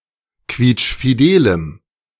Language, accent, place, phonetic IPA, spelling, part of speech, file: German, Germany, Berlin, [ˈkviːt͡ʃfiˌdeːləm], quietschfidelem, adjective, De-quietschfidelem.ogg
- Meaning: strong dative masculine/neuter singular of quietschfidel